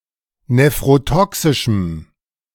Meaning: strong dative masculine/neuter singular of nephrotoxisch
- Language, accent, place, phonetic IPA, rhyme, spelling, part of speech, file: German, Germany, Berlin, [nefʁoˈtɔksɪʃm̩], -ɔksɪʃm̩, nephrotoxischem, adjective, De-nephrotoxischem.ogg